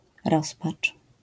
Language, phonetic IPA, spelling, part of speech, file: Polish, [ˈrɔspat͡ʃ], rozpacz, noun, LL-Q809 (pol)-rozpacz.wav